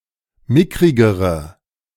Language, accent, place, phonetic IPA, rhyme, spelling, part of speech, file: German, Germany, Berlin, [ˈmɪkʁɪɡəʁə], -ɪkʁɪɡəʁə, mickrigere, adjective, De-mickrigere.ogg
- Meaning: inflection of mickrig: 1. strong/mixed nominative/accusative feminine singular comparative degree 2. strong nominative/accusative plural comparative degree